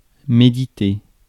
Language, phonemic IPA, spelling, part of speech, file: French, /me.di.te/, méditer, verb, Fr-méditer.ogg
- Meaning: 1. to think over, ponder, reflect on 2. to meditate